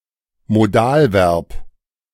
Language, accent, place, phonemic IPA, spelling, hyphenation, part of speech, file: German, Germany, Berlin, /moˈdaːlˌvɛʁp/, Modalverb, Mo‧dal‧verb, noun, De-Modalverb.ogg
- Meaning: modal verb, modal auxiliary (member of an open class of verbs typically expressing action, state, or other predicate meaning that includes all verbs except auxiliary verbs)